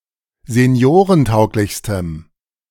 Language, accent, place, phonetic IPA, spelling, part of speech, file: German, Germany, Berlin, [zeˈni̯oːʁənˌtaʊ̯klɪçstəm], seniorentauglichstem, adjective, De-seniorentauglichstem.ogg
- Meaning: strong dative masculine/neuter singular superlative degree of seniorentauglich